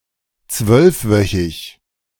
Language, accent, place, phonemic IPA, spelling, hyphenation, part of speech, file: German, Germany, Berlin, /ˈt͡svœlfˌvœçɪç/, zwölfwöchig, zwölf‧wö‧chig, adjective, De-zwölfwöchig.ogg
- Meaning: twelve-week